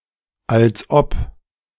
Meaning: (conjunction) as if, as though; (interjection) as if! yeah, right!
- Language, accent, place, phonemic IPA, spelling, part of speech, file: German, Germany, Berlin, /ˌʔal(t)s ˈʔɔp/, als ob, conjunction / interjection, De-als ob.ogg